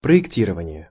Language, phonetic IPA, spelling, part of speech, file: Russian, [prə(j)ɪkˈtʲirəvənʲɪje], проектирование, noun, Ru-проектирование.ogg
- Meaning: designing, projecting, projection, planning